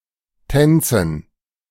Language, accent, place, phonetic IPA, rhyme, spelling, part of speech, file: German, Germany, Berlin, [ˈtɛnt͡sn̩], -ɛnt͡sn̩, Tänzen, noun, De-Tänzen.ogg
- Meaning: dative plural of Tanz